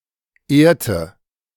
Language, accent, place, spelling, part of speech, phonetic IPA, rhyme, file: German, Germany, Berlin, ehrte, verb, [ˈeːɐ̯tə], -eːɐ̯tə, De-ehrte.ogg
- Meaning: inflection of ehren: 1. first/third-person singular preterite 2. first/third-person singular subjunctive II